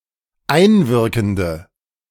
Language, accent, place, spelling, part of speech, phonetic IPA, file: German, Germany, Berlin, einwirkende, adjective, [ˈaɪ̯nˌvɪʁkn̩də], De-einwirkende.ogg
- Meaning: inflection of einwirkend: 1. strong/mixed nominative/accusative feminine singular 2. strong nominative/accusative plural 3. weak nominative all-gender singular